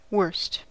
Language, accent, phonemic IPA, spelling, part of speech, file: English, General American, /wɜɹst/, worst, adjective / adverb / noun / verb, En-us-worst.ogg
- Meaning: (adjective) superlative form of bad: 1. most bad: Most inferior; doing the least good 2. most bad: Most unfavorable 3. most bad: Most harmful or severe